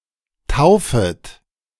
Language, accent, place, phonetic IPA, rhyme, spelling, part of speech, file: German, Germany, Berlin, [ˈtaʊ̯fət], -aʊ̯fət, taufet, verb, De-taufet.ogg
- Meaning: second-person plural subjunctive I of taufen